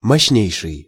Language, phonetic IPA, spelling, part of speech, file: Russian, [mɐɕːˈnʲejʂɨj], мощнейший, adjective, Ru-мощнейший.ogg
- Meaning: superlative degree of мо́щный (móščnyj): most powerful